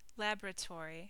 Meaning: 1. A room, building or institution equipped for scientific research, experimentation or analysis 2. A place where chemicals, drugs or microbes are prepared or manufactured
- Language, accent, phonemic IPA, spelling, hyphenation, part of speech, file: English, US, /ˈlæb(ə)ɹəˌtɔɹi/, laboratory, lab‧or‧a‧to‧ry, noun, En-us-laboratory.ogg